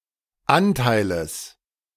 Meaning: genitive singular of Anteil
- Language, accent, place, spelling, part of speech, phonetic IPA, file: German, Germany, Berlin, Anteiles, noun, [ˈantaɪ̯ləs], De-Anteiles.ogg